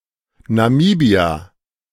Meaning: Namibia (a country in Southern Africa)
- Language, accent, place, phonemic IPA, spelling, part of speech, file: German, Germany, Berlin, /naˈmiːbia/, Namibia, proper noun, De-Namibia.ogg